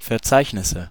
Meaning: nominative/accusative/genitive plural of Verzeichnis
- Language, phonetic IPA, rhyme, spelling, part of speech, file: German, [fɛɐ̯ˈt͡saɪ̯çnɪsə], -aɪ̯çnɪsə, Verzeichnisse, noun, De-Verzeichnisse.ogg